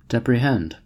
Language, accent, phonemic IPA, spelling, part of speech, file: English, US, /ˌdɛpɹəˈhɛnd/, deprehend, verb, En-us-deprehend.ogg
- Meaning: 1. To take unawares or by surprise; to catch or seize (a criminal etc.) in the act 2. To detect; to discover; to find out